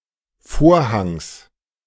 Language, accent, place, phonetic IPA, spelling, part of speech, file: German, Germany, Berlin, [ˈfoːɐ̯haŋs], Vorhangs, noun, De-Vorhangs.ogg
- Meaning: genitive singular of Vorhang